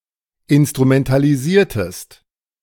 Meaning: inflection of instrumentalisieren: 1. second-person singular preterite 2. second-person singular subjunctive II
- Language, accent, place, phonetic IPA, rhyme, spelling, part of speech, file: German, Germany, Berlin, [ɪnstʁumɛntaliˈziːɐ̯təst], -iːɐ̯təst, instrumentalisiertest, verb, De-instrumentalisiertest.ogg